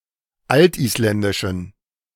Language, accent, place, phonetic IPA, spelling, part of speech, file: German, Germany, Berlin, [ˈaltʔiːsˌlɛndɪʃn̩], altisländischen, adjective, De-altisländischen.ogg
- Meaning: inflection of altisländisch: 1. strong genitive masculine/neuter singular 2. weak/mixed genitive/dative all-gender singular 3. strong/weak/mixed accusative masculine singular 4. strong dative plural